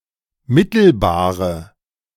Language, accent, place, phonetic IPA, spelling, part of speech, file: German, Germany, Berlin, [ˈmɪtl̩baːʁə], mittelbare, adjective, De-mittelbare.ogg
- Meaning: inflection of mittelbar: 1. strong/mixed nominative/accusative feminine singular 2. strong nominative/accusative plural 3. weak nominative all-gender singular